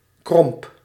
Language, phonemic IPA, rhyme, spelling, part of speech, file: Dutch, /krɔmp/, -ɔmp, kromp, noun / verb, Nl-kromp.ogg
- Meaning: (noun) A mollusc of the family Arcticidae, such as a quahog; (verb) singular past indicative of krimpen